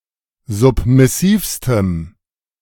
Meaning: strong dative masculine/neuter singular superlative degree of submissiv
- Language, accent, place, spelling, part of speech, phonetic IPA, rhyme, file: German, Germany, Berlin, submissivstem, adjective, [ˌzʊpmɪˈsiːfstəm], -iːfstəm, De-submissivstem.ogg